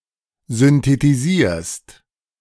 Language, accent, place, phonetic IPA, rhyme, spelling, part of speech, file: German, Germany, Berlin, [zʏntetiˈziːɐ̯st], -iːɐ̯st, synthetisierst, verb, De-synthetisierst.ogg
- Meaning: second-person singular present of synthetisieren